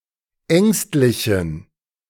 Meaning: inflection of ängstlich: 1. strong genitive masculine/neuter singular 2. weak/mixed genitive/dative all-gender singular 3. strong/weak/mixed accusative masculine singular 4. strong dative plural
- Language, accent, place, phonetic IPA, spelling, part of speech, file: German, Germany, Berlin, [ˈɛŋstlɪçn̩], ängstlichen, adjective, De-ängstlichen.ogg